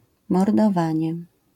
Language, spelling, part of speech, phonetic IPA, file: Polish, mordowanie, noun, [ˌmɔrdɔˈvãɲɛ], LL-Q809 (pol)-mordowanie.wav